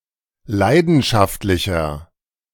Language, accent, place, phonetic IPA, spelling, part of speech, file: German, Germany, Berlin, [ˈlaɪ̯dn̩ʃaftlɪçɐ], leidenschaftlicher, adjective, De-leidenschaftlicher.ogg
- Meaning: 1. comparative degree of leidenschaftlich 2. inflection of leidenschaftlich: strong/mixed nominative masculine singular 3. inflection of leidenschaftlich: strong genitive/dative feminine singular